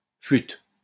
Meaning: post-1990 spelling of flûte
- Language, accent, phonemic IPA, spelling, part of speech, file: French, France, /flyt/, flute, noun, LL-Q150 (fra)-flute.wav